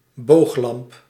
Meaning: arc lamp
- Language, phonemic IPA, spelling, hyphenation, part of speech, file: Dutch, /ˈboːx.lɑmp/, booglamp, boog‧lamp, noun, Nl-booglamp.ogg